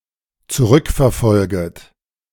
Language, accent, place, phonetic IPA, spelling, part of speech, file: German, Germany, Berlin, [t͡suˈʁʏkfɛɐ̯ˌfɔlɡət], zurückverfolget, verb, De-zurückverfolget.ogg
- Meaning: second-person plural dependent subjunctive I of zurückverfolgen